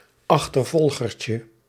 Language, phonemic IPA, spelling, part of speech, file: Dutch, /ɑxtərˈvɔlɣərcə/, achtervolgertje, noun, Nl-achtervolgertje.ogg
- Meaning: diminutive of achtervolger